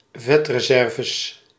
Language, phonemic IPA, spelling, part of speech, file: Dutch, /ˈvɛtrəˌsɛrvəs/, vetreserves, noun, Nl-vetreserves.ogg
- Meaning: plural of vetreserve